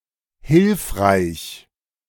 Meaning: useful, helpful
- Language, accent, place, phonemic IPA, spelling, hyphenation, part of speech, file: German, Germany, Berlin, /ˈhɪlfʁaɪ̯ç/, hilfreich, hilf‧reich, adjective, De-hilfreich.ogg